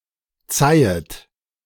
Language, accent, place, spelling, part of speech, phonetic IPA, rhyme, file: German, Germany, Berlin, zeihet, verb, [ˈt͡saɪ̯ət], -aɪ̯ət, De-zeihet.ogg
- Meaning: second-person plural subjunctive I of zeihen